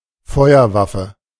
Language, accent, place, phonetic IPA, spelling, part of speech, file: German, Germany, Berlin, [ˈfɔɪ̯ɐˌvafə], Feuerwaffe, noun, De-Feuerwaffe.ogg
- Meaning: firearm